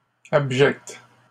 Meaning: feminine plural of abject
- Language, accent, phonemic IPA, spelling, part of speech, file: French, Canada, /ab.ʒɛkt/, abjectes, adjective, LL-Q150 (fra)-abjectes.wav